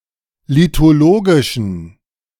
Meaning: inflection of lithologisch: 1. strong genitive masculine/neuter singular 2. weak/mixed genitive/dative all-gender singular 3. strong/weak/mixed accusative masculine singular 4. strong dative plural
- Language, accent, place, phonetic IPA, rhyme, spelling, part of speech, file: German, Germany, Berlin, [litoˈloːɡɪʃn̩], -oːɡɪʃn̩, lithologischen, adjective, De-lithologischen.ogg